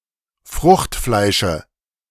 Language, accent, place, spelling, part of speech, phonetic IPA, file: German, Germany, Berlin, Fruchtfleische, noun, [ˈfʁʊxtˌflaɪ̯ʃə], De-Fruchtfleische.ogg
- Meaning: dative singular of Fruchtfleisch